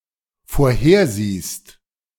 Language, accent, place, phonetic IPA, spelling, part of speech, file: German, Germany, Berlin, [foːɐ̯ˈheːɐ̯ˌziːst], vorhersiehst, verb, De-vorhersiehst.ogg
- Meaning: second-person singular dependent present of vorhersehen